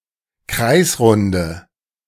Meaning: inflection of kreisrund: 1. strong/mixed nominative/accusative feminine singular 2. strong nominative/accusative plural 3. weak nominative all-gender singular
- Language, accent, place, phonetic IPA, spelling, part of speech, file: German, Germany, Berlin, [ˈkʁaɪ̯sˌʁʊndə], kreisrunde, adjective, De-kreisrunde.ogg